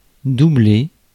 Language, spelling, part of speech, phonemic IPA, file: French, doubler, verb, /du.ble/, Fr-doubler.ogg
- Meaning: 1. to double, duplicate 2. to double-cross 3. to overtake, pass 4. to dub 5. to repeat a school year 6. to line (a coat)